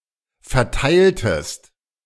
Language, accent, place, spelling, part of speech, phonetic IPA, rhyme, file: German, Germany, Berlin, verteiltest, verb, [fɛɐ̯ˈtaɪ̯ltəst], -aɪ̯ltəst, De-verteiltest.ogg
- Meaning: inflection of verteilen: 1. second-person singular preterite 2. second-person singular subjunctive II